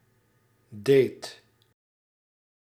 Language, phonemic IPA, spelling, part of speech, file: Dutch, /deːt/, deed, verb, Nl-deed.ogg
- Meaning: singular past indicative of doen